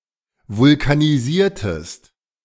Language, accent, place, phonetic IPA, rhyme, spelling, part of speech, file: German, Germany, Berlin, [vʊlkaniˈziːɐ̯təst], -iːɐ̯təst, vulkanisiertest, verb, De-vulkanisiertest.ogg
- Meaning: inflection of vulkanisieren: 1. second-person singular preterite 2. second-person singular subjunctive II